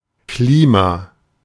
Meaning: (noun) 1. climate 2. clipping of Klimaanlage; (proper noun) a surname
- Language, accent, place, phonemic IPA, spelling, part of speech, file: German, Germany, Berlin, /ˈkliːma/, Klima, noun / proper noun, De-Klima.ogg